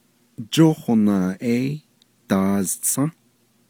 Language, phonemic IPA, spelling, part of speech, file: Navajo, /t͡ʃóhònɑ̀ːʔɛ́ɪ́ tɑ̀ːzt͡sʰɑ̃́/, jóhonaaʼéí daaztsą́, verb, Nv-jóhonaaʼéí daaztsą́.ogg
- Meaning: solar eclipse